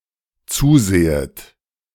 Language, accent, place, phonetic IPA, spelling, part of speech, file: German, Germany, Berlin, [ˈt͡suːˌzeːət], zusehet, verb, De-zusehet.ogg
- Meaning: second-person plural dependent subjunctive I of zusehen